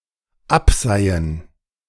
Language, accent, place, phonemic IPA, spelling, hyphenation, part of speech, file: German, Germany, Berlin, /ˈapˌzaɪ̯ən/, abseihen, ab‧sei‧hen, verb, De-abseihen.ogg
- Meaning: to filter, strain